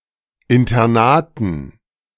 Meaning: dative plural of Internat
- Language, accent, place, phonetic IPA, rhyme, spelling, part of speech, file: German, Germany, Berlin, [ɪntɐˈnaːtn̩], -aːtn̩, Internaten, noun, De-Internaten.ogg